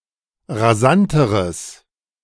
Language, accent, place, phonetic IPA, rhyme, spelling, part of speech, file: German, Germany, Berlin, [ʁaˈzantəʁəs], -antəʁəs, rasanteres, adjective, De-rasanteres.ogg
- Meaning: strong/mixed nominative/accusative neuter singular comparative degree of rasant